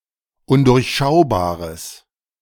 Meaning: strong/mixed nominative/accusative neuter singular of undurchschaubar
- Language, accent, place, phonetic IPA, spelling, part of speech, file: German, Germany, Berlin, [ˈʊndʊʁçˌʃaʊ̯baːʁəs], undurchschaubares, adjective, De-undurchschaubares.ogg